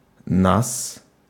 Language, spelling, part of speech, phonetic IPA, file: Russian, нас, pronoun, [nas], Ru-нас.ogg
- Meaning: genitive/accusative/prepositional of мы (my)